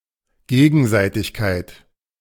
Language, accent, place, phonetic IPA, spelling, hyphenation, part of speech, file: German, Germany, Berlin, [ˈɡeːɡn̩ˌzaɪ̯tɪçkaɪ̯t], Gegenseitigkeit, Ge‧gen‧sei‧tig‧keit, noun, De-Gegenseitigkeit.ogg
- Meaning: reciprocity